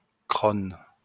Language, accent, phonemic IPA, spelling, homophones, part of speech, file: French, France, /kʁon/, crosne, Crône / crône / crônes / Crosnes / crosnes, noun, LL-Q150 (fra)-crosne.wav
- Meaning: Chinese artichoke, crosne